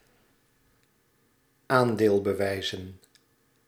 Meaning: plural of aandeelbewijs
- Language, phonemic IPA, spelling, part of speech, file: Dutch, /ˈandelbəˌwɛizə(n)/, aandeelbewijzen, noun, Nl-aandeelbewijzen.ogg